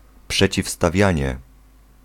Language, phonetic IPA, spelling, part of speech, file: Polish, [ˌpʃɛt͡ɕifstaˈvʲjä̃ɲɛ], przeciwstawianie, noun, Pl-przeciwstawianie.ogg